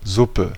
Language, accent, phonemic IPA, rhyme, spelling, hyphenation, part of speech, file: German, Germany, /ˈzʊpə/, -ʊpə, Suppe, Sup‧pe, noun, De-Suppe.ogg
- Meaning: soup